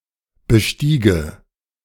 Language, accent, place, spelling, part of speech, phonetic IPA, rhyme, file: German, Germany, Berlin, bestiege, verb, [bəˈʃtiːɡə], -iːɡə, De-bestiege.ogg
- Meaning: first/third-person singular subjunctive II of besteigen